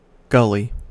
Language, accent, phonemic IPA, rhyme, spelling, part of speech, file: English, US, /ˈɡʌli/, -ʌli, gully, noun / verb, En-us-gully.ogg
- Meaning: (noun) 1. A trench, ravine or narrow channel which was worn by water flow, especially on a hillside 2. A small valley 3. A drop kerb 4. A road drain